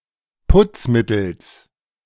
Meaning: genitive singular of Putzmittel
- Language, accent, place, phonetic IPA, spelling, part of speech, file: German, Germany, Berlin, [ˈpʊt͡sˌmɪtl̩s], Putzmittels, noun, De-Putzmittels.ogg